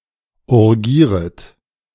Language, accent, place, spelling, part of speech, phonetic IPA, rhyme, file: German, Germany, Berlin, urgieret, verb, [uʁˈɡiːʁət], -iːʁət, De-urgieret.ogg
- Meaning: second-person plural subjunctive I of urgieren